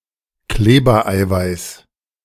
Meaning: gluten
- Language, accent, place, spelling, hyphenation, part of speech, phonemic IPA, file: German, Germany, Berlin, Klebereiweiß, Kle‧ber‧ei‧weiß, noun, /ˈkleːbɐˌaɪ̯vaɪ̯s/, De-Klebereiweiß.ogg